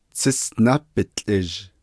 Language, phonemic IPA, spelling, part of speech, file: Navajo, /t͡sʰɪ́sʔnɑ́ pɪ̀t͡ɬʼɪ̀ʒ/, tsísʼná bitłʼizh, noun, Nv-tsísʼná bitłʼizh.ogg
- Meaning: honey